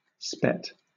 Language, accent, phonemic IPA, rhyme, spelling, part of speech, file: English, Southern England, /spɛt/, -ɛt, spet, noun / verb, LL-Q1860 (eng)-spet.wav
- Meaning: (noun) spittle; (verb) To spit; to throw out